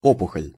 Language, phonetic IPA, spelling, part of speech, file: Russian, [ˈopʊxəlʲ], опухоль, noun, Ru-опухоль.ogg
- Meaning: tumour, tumor